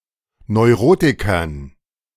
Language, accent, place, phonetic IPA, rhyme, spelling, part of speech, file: German, Germany, Berlin, [nɔɪ̯ˈʁoːtɪkɐn], -oːtɪkɐn, Neurotikern, noun, De-Neurotikern.ogg
- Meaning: dative plural of Neurotiker